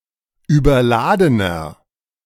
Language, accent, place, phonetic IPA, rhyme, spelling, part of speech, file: German, Germany, Berlin, [yːbɐˈlaːdənɐ], -aːdənɐ, überladener, adjective, De-überladener.ogg
- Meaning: inflection of überladen: 1. strong/mixed nominative masculine singular 2. strong genitive/dative feminine singular 3. strong genitive plural